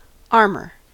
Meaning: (noun) 1. A protective layer over a body, vehicle, or other object intended to deflect or diffuse damaging forces 2. A natural form of this kind of protection on an animal's body
- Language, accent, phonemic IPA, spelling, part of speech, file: English, US, /ˈɑːɹ.mɚ/, armor, noun / verb, En-us-armor.ogg